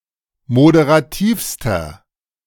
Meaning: inflection of moderativ: 1. strong/mixed nominative masculine singular superlative degree 2. strong genitive/dative feminine singular superlative degree 3. strong genitive plural superlative degree
- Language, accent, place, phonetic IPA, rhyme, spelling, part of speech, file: German, Germany, Berlin, [modeʁaˈtiːfstɐ], -iːfstɐ, moderativster, adjective, De-moderativster.ogg